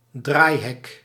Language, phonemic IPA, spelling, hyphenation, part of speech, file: Dutch, /ˈdraːi̯.ɦɛk/, draaihek, draai‧hek, noun, Nl-draaihek.ogg
- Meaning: turnstile